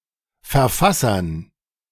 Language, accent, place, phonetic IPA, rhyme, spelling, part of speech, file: German, Germany, Berlin, [fɛɐ̯ˈfasɐn], -asɐn, Verfassern, noun, De-Verfassern.ogg
- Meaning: dative plural of Verfasser